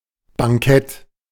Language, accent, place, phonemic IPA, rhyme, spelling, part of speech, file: German, Germany, Berlin, /baŋˈkɛt/, -ɛt, Bankett, noun, De-Bankett.ogg
- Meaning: 1. banquet (meal) 2. part of the organisation responsible for organising banquets and conferences 3. verge (grassy area between road and sidewalk)